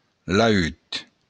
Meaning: lute
- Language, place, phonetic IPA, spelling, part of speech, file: Occitan, Béarn, [laˈyt], laüt, noun, LL-Q14185 (oci)-laüt.wav